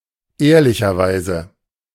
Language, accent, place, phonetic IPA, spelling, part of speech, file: German, Germany, Berlin, [ˈeːɐ̯lɪçɐˌvaɪ̯zə], ehrlicherweise, adverb, De-ehrlicherweise.ogg
- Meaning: in all honesty, honestly